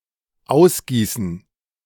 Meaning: to pour out (liquid)
- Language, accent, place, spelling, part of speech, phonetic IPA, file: German, Germany, Berlin, ausgießen, verb, [ˈaʊ̯sˌɡiːsn̩], De-ausgießen.ogg